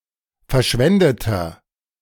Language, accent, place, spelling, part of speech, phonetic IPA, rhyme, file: German, Germany, Berlin, verschwendeter, adjective, [fɛɐ̯ˈʃvɛndətɐ], -ɛndətɐ, De-verschwendeter.ogg
- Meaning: inflection of verschwendet: 1. strong/mixed nominative masculine singular 2. strong genitive/dative feminine singular 3. strong genitive plural